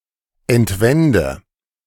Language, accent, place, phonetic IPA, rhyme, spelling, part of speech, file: German, Germany, Berlin, [ɛntˈvɛndə], -ɛndə, entwende, verb, De-entwende.ogg
- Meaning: inflection of entwenden: 1. first-person singular present 2. first/third-person singular subjunctive I 3. singular imperative